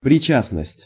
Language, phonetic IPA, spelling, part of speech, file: Russian, [prʲɪˈt͡ɕasnəsʲtʲ], причастность, noun, Ru-причастность.ogg
- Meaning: participation, involvement, complicity